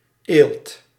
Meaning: callus
- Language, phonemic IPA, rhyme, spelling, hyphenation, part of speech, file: Dutch, /eːlt/, -eːlt, eelt, eelt, noun, Nl-eelt.ogg